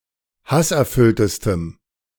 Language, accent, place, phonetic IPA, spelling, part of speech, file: German, Germany, Berlin, [ˈhasʔɛɐ̯ˌfʏltəstəm], hasserfülltestem, adjective, De-hasserfülltestem.ogg
- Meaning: strong dative masculine/neuter singular superlative degree of hasserfüllt